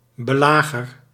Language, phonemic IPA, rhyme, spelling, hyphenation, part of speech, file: Dutch, /bəˈlaː.ɣər/, -aːɣər, belager, be‧la‧ger, noun, Nl-belager.ogg
- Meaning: a harasser, crafty and/or persistent assailant, even a stalker